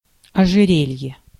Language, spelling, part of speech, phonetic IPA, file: Russian, ожерелье, noun, [ɐʐɨˈrʲelʲje], Ru-ожерелье.ogg
- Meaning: necklace (jewelry)